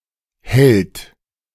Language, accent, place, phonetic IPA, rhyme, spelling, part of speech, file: German, Germany, Berlin, [hɛlt], -ɛlt, hellt, verb, De-hellt.ogg
- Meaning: inflection of hellen: 1. third-person singular present 2. second-person plural present 3. plural imperative